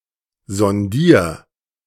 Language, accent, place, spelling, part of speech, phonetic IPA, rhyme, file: German, Germany, Berlin, sondier, verb, [zɔnˈdiːɐ̯], -iːɐ̯, De-sondier.ogg
- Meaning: 1. singular imperative of sondieren 2. first-person singular present of sondieren